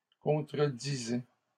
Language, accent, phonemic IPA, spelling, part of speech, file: French, Canada, /kɔ̃.tʁə.di.zɛ/, contredisait, verb, LL-Q150 (fra)-contredisait.wav
- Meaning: third-person singular imperfect indicative of contredire